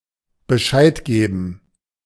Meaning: to let (someone) know
- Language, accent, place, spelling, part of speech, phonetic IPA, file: German, Germany, Berlin, Bescheid geben, verb, [bəˈʃaɪ̯t ˌɡeːbn̩], De-Bescheid geben.ogg